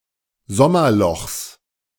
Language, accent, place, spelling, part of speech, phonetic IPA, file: German, Germany, Berlin, Sommerlochs, noun, [ˈzɔmɐˌlɔxs], De-Sommerlochs.ogg
- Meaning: genitive singular of Sommerloch